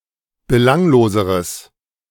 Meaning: strong/mixed nominative/accusative neuter singular comparative degree of belanglos
- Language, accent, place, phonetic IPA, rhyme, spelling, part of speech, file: German, Germany, Berlin, [bəˈlaŋloːzəʁəs], -aŋloːzəʁəs, belangloseres, adjective, De-belangloseres.ogg